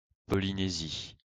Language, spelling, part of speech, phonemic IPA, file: French, Polynésie, proper noun, /pɔ.li.ne.zi/, LL-Q150 (fra)-Polynésie.wav
- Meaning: Polynesia (a continental region of Oceania, including Easter Island, Hawaii, New Zealand, and most of the islands between them)